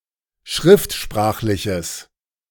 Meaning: strong/mixed nominative/accusative neuter singular of schriftsprachlich
- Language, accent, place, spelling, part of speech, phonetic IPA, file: German, Germany, Berlin, schriftsprachliches, adjective, [ˈʃʁɪftˌʃpʁaːxlɪçəs], De-schriftsprachliches.ogg